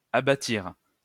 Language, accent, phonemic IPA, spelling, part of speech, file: French, France, /a.ba.tiʁ/, abattirent, verb, LL-Q150 (fra)-abattirent.wav
- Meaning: third-person plural past historic of abattre